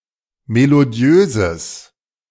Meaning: strong/mixed nominative/accusative neuter singular of melodiös
- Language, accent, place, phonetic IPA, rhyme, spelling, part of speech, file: German, Germany, Berlin, [meloˈdi̯øːzəs], -øːzəs, melodiöses, adjective, De-melodiöses.ogg